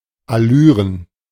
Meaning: plural of Allüre
- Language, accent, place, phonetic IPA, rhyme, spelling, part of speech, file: German, Germany, Berlin, [aˈlyːʁən], -yːʁən, Allüren, noun, De-Allüren.ogg